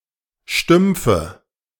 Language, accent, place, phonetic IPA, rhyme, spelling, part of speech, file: German, Germany, Berlin, [ˈʃtʏmp͡fə], -ʏmp͡fə, Stümpfe, noun, De-Stümpfe.ogg
- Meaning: nominative/accusative/genitive plural of Stumpf